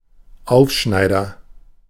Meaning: agent noun of aufschneiden: blowhard, braggart
- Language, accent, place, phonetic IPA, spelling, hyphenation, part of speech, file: German, Germany, Berlin, [ˈaʊ̯fˌʃnaɪ̯dɐ], Aufschneider, Auf‧schnei‧der, noun, De-Aufschneider.ogg